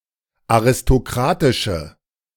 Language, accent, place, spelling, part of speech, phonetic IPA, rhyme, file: German, Germany, Berlin, aristokratische, adjective, [aʁɪstoˈkʁaːtɪʃə], -aːtɪʃə, De-aristokratische.ogg
- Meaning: inflection of aristokratisch: 1. strong/mixed nominative/accusative feminine singular 2. strong nominative/accusative plural 3. weak nominative all-gender singular